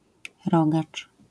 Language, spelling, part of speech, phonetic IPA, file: Polish, rogacz, noun, [ˈrɔɡat͡ʃ], LL-Q809 (pol)-rogacz.wav